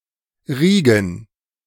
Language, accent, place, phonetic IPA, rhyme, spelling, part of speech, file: German, Germany, Berlin, [ˈʁiːɡn̩], -iːɡn̩, Riegen, noun, De-Riegen.ogg
- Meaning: plural of Riege